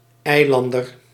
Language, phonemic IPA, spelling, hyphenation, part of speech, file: Dutch, /ˈɛi̯ˌlɑn.dər/, eilander, ei‧lan‧der, noun, Nl-eilander.ogg
- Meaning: islander